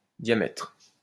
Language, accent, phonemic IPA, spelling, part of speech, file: French, France, /dja.mɛtʁ/, diamètre, noun, LL-Q150 (fra)-diamètre.wav
- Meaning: diameter